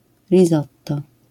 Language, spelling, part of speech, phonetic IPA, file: Polish, risotto, noun, [rʲiˈsɔtːɔ], LL-Q809 (pol)-risotto.wav